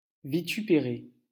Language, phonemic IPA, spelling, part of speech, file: French, /vi.ty.pe.ʁe/, vitupérer, verb, LL-Q150 (fra)-vitupérer.wav
- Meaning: to vituperate; to rant and rave; to rail